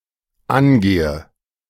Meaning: inflection of angehen: 1. first-person singular dependent present 2. first/third-person singular dependent subjunctive I
- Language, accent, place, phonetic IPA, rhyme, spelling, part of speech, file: German, Germany, Berlin, [ˈanˌɡeːə], -anɡeːə, angehe, verb, De-angehe.ogg